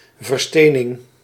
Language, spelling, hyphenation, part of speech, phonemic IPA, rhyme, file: Dutch, verstening, ver‧ste‧ning, noun, /vərˈsteː.nɪŋ/, -eːnɪŋ, Nl-verstening.ogg
- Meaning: petrification